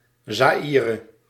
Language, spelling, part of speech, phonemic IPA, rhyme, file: Dutch, Zaïre, proper noun, /ˌzaːˈiː.rə/, -iːrə, Nl-Zaïre.ogg
- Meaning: Zaire (former name of the Democratic Republic of the Congo: a country in Central Africa; used from 1971–1997)